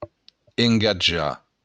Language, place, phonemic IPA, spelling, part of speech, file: Occitan, Béarn, /eŋɡaˈd͡ʒa/, engatjar, verb, LL-Q14185 (oci)-engatjar.wav
- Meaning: 1. to engage 2. to pledge